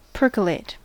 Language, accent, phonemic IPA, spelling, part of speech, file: English, US, /ˈpɝkəleɪt/, percolate, verb / noun, En-us-percolate.ogg
- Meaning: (verb) 1. To pass a liquid through a porous substance; to filter 2. To drain or seep through a porous substance 3. To make (coffee) in a percolator